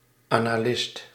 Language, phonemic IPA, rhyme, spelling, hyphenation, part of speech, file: Dutch, /ˌaː.naːˈlɪst/, -ɪst, analist, ana‧list, noun, Nl-analist.ogg
- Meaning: analyst